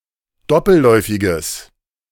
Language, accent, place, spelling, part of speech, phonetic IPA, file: German, Germany, Berlin, doppelläufiges, adjective, [ˈdɔpl̩ˌlɔɪ̯fɪɡəs], De-doppelläufiges.ogg
- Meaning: strong/mixed nominative/accusative neuter singular of doppelläufig